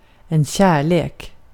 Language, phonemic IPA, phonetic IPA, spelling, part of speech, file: Swedish, /ˈɕɛːrˌleːk/, [ˈɕæː.ˌɭeːk], kärlek, noun, Sv-kärlek.ogg
- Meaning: 1. love (strong affection, romantically or more generally, like in English) 2. a love (object of one's romantic feelings; darling or sweetheart)